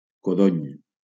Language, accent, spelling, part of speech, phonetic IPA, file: Catalan, Valencia, codony, noun, [koˈðoɲ], LL-Q7026 (cat)-codony.wav
- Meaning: quince (fruit)